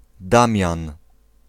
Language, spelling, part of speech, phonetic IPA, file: Polish, Damian, proper noun, [ˈdãmʲjãn], Pl-Damian.ogg